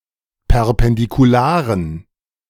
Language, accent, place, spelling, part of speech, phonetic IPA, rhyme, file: German, Germany, Berlin, perpendikularen, adjective, [pɛʁpɛndikuˈlaːʁən], -aːʁən, De-perpendikularen.ogg
- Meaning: inflection of perpendikular: 1. strong genitive masculine/neuter singular 2. weak/mixed genitive/dative all-gender singular 3. strong/weak/mixed accusative masculine singular 4. strong dative plural